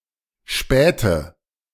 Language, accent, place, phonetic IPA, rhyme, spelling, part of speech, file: German, Germany, Berlin, [ˈʃpɛːtə], -ɛːtə, späte, adjective, De-späte.ogg
- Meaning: inflection of spät: 1. strong/mixed nominative/accusative feminine singular 2. strong nominative/accusative plural 3. weak nominative all-gender singular 4. weak accusative feminine/neuter singular